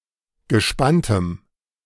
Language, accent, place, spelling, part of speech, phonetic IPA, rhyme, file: German, Germany, Berlin, gespanntem, adjective, [ɡəˈʃpantəm], -antəm, De-gespanntem.ogg
- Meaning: strong dative masculine/neuter singular of gespannt